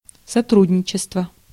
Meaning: 1. cooperation 2. collaboration, cooperation (with), partnership 3. contribution
- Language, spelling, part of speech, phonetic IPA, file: Russian, сотрудничество, noun, [sɐˈtrudʲnʲɪt͡ɕɪstvə], Ru-сотрудничество.ogg